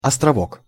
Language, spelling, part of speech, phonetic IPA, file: Russian, островок, noun, [ɐstrɐˈvok], Ru-островок.ogg
- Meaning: islet